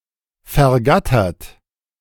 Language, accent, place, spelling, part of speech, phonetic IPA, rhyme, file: German, Germany, Berlin, vergattert, verb, [fɛɐ̯ˈɡatɐt], -atɐt, De-vergattert.ogg
- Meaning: past participle of vergattern